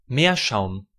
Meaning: 1. seafoam (the foam of the churned-up sea) 2. a soft white mineral, meerschaum 3. air fern (a hydroid in the genus Sertularia)
- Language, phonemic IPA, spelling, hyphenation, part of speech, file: German, /ˈmeːɐ̯ˌʃaʊ̯m/, Meerschaum, Meer‧schaum, noun, De-Meerschaum.ogg